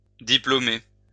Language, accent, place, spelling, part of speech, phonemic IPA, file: French, France, Lyon, diplômer, verb, /di.plo.me/, LL-Q150 (fra)-diplômer.wav
- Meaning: to graduate; to attribute a diploma to